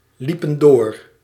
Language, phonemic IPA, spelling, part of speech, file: Dutch, /ˌlipə(n)ˈdo̝r/, liepen door, verb, Nl-liepen door.ogg
- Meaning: inflection of doorlopen: 1. plural past indicative 2. plural past subjunctive